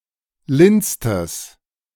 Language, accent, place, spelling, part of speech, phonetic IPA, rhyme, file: German, Germany, Berlin, lindstes, adjective, [ˈlɪnt͡stəs], -ɪnt͡stəs, De-lindstes.ogg
- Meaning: strong/mixed nominative/accusative neuter singular superlative degree of lind